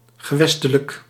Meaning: regional
- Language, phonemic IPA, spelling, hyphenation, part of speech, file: Dutch, /ɣəˈʋɛs.tə.lək/, gewestelijk, ge‧wes‧te‧lijk, adjective, Nl-gewestelijk.ogg